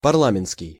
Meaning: parliament; parliamentarian, parliamentary
- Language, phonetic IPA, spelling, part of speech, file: Russian, [pɐrˈɫamʲɪn(t)skʲɪj], парламентский, adjective, Ru-парламентский.ogg